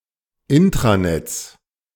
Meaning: 1. genitive singular of Intranet 2. plural of Intranet
- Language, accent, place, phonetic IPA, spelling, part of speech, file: German, Germany, Berlin, [ˈɪntʁaˌnɛt͡s], Intranets, noun, De-Intranets.ogg